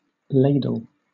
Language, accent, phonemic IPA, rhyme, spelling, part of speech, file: English, Southern England, /ˈleɪ.dəl/, -eɪdəl, ladle, noun / verb, LL-Q1860 (eng)-ladle.wav
- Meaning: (noun) 1. A deep-bowled spoonlike utensil with a long, usually curved, handle 2. A container used in a foundry or steel mill to transport and pour out molten metal